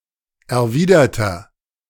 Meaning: inflection of erwidert: 1. strong/mixed nominative masculine singular 2. strong genitive/dative feminine singular 3. strong genitive plural
- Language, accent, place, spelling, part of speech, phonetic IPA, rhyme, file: German, Germany, Berlin, erwiderter, adjective, [ɛɐ̯ˈviːdɐtɐ], -iːdɐtɐ, De-erwiderter.ogg